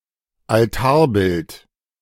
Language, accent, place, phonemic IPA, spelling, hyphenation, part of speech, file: German, Germany, Berlin, /alˈtaːˌbɪlt/, Altarbild, Al‧tar‧bild, noun, De-Altarbild.ogg
- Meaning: altarpiece